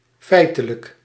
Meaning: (adjective) 1. actual 2. factual; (adverb) 1. in fact, de facto 2. actually
- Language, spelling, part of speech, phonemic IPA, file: Dutch, feitelijk, adjective / adverb, /fɛɪtələk/, Nl-feitelijk.ogg